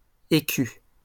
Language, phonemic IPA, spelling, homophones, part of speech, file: French, /e.ky/, écu, écus, noun, LL-Q150 (fra)-écu.wav
- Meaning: 1. shield 2. écu